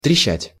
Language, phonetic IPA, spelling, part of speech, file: Russian, [trʲɪˈɕːætʲ], трещать, verb, Ru-трещать.ogg
- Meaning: 1. to crackle (make a fizzing sound) 2. to chirr (make a trilled sound) 3. to chatter, to jabber 4. to crack, to be on the point of collapse